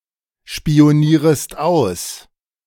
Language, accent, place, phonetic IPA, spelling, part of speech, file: German, Germany, Berlin, [ʃpi̯oˌniːʁəst ˈaʊ̯s], spionierest aus, verb, De-spionierest aus.ogg
- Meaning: second-person singular subjunctive I of ausspionieren